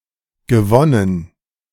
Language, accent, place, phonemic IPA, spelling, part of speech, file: German, Germany, Berlin, /ɡəˈvɔnən/, gewonnen, verb / adjective, De-gewonnen.ogg
- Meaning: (verb) past participle of gewinnen; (adjective) 1. gained, won 2. obtained, acquired 3. recovered